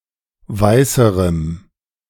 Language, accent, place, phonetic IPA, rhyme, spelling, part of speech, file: German, Germany, Berlin, [ˈvaɪ̯səʁəm], -aɪ̯səʁəm, weißerem, adjective, De-weißerem.ogg
- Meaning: strong dative masculine/neuter singular comparative degree of weiß